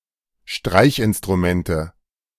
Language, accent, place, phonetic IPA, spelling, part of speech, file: German, Germany, Berlin, [ˈʃtʁaɪ̯çʔɪnstʁuˌmɛntə], Streichinstrumente, noun, De-Streichinstrumente.ogg
- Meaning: nominative/accusative/genitive plural of Streichinstrument